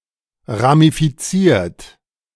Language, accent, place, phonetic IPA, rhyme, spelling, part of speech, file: German, Germany, Berlin, [ʁamifiˈt͡siːɐ̯t], -iːɐ̯t, ramifiziert, verb, De-ramifiziert.ogg
- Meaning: 1. past participle of ramifizieren 2. inflection of ramifizieren: third-person singular present 3. inflection of ramifizieren: second-person plural present